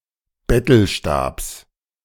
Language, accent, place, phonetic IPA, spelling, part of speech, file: German, Germany, Berlin, [ˈbɛtl̩ˌʃtaːps], Bettelstabs, noun, De-Bettelstabs.ogg
- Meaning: genitive of Bettelstab